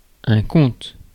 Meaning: count, earl
- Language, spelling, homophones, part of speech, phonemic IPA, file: French, comte, compte / comptent / comptes / comtes / conte / content / contes, noun, /kɔ̃t/, Fr-comte.ogg